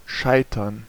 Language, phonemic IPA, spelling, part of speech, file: German, /ˈʃaɪ̯tɐn/, scheitern, verb, De-scheitern.ogg
- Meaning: 1. to fail, to conclude unsuccessfully 2. to flounder